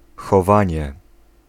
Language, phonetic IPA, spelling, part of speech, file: Polish, [xɔˈvãɲɛ], chowanie, noun, Pl-chowanie.ogg